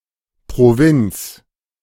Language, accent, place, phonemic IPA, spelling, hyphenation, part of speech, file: German, Germany, Berlin, /pʁoˈvɪnt͡s/, Provinz, Pro‧vinz, noun, De-Provinz.ogg
- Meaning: 1. province (administrative subdivision) 2. hinterland; backwater (remote area unaffected by new fashions and ideas)